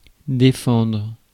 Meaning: 1. to defend 2. to forbid
- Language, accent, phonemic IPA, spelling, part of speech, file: French, France, /de.fɑ̃dʁ/, défendre, verb, Fr-défendre.ogg